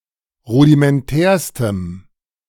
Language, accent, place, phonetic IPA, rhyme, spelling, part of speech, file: German, Germany, Berlin, [ˌʁudimɛnˈtɛːɐ̯stəm], -ɛːɐ̯stəm, rudimentärstem, adjective, De-rudimentärstem.ogg
- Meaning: strong dative masculine/neuter singular superlative degree of rudimentär